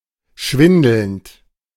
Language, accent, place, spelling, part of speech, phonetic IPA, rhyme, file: German, Germany, Berlin, schwindelnd, verb, [ˈʃvɪndl̩nt], -ɪndl̩nt, De-schwindelnd.ogg
- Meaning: present participle of schwindeln